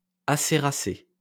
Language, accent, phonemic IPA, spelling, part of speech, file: French, France, /a.se.ʁa.se/, acéracé, adjective, LL-Q150 (fra)-acéracé.wav
- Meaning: That resembles maple (or other plant of the genus Acer)